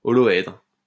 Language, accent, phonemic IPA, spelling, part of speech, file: French, France, /ɔ.lɔ.ɛdʁ/, holoèdre, noun, LL-Q150 (fra)-holoèdre.wav
- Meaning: holohedral crystal